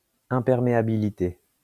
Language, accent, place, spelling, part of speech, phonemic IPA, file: French, France, Lyon, imperméabilité, noun, /ɛ̃.pɛʁ.me.a.bi.li.te/, LL-Q150 (fra)-imperméabilité.wav
- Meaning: impermeability